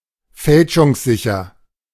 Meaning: unforgeable
- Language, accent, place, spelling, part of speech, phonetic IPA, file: German, Germany, Berlin, fälschungssicher, adjective, [ˈfɛlʃʊŋsˌzɪçɐ], De-fälschungssicher.ogg